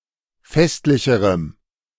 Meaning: strong dative masculine/neuter singular comparative degree of festlich
- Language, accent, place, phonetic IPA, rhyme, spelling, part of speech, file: German, Germany, Berlin, [ˈfɛstlɪçəʁəm], -ɛstlɪçəʁəm, festlicherem, adjective, De-festlicherem.ogg